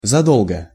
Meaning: long before, well in advance
- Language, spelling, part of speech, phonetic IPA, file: Russian, задолго, adverb, [zɐˈdoɫɡə], Ru-задолго.ogg